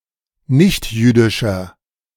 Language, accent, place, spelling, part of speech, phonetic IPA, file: German, Germany, Berlin, nichtjüdischer, adjective, [ˈnɪçtˌjyːdɪʃɐ], De-nichtjüdischer.ogg
- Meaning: inflection of nichtjüdisch: 1. strong/mixed nominative masculine singular 2. strong genitive/dative feminine singular 3. strong genitive plural